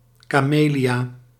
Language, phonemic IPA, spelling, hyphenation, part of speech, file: Dutch, /ˌkaːˈmeː.li.aː/, camelia, ca‧me‧lia, noun, Nl-camelia.ogg
- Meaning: a camellia, plant of the genus Camellia